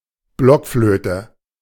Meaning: 1. recorder (woodwind instrument) 2. block flute (organ stop)
- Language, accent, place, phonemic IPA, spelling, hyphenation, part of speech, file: German, Germany, Berlin, /ˈblɔkˌfløːtə/, Blockflöte, Block‧flö‧te, noun, De-Blockflöte.ogg